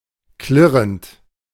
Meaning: present participle of klirren
- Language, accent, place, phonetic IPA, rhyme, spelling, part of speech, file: German, Germany, Berlin, [ˈklɪʁənt], -ɪʁənt, klirrend, verb, De-klirrend.ogg